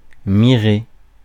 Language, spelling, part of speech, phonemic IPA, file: French, mirer, verb, /mi.ʁe/, Fr-mirer.ogg
- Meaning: 1. to watch intensely, to stare 2. to reflect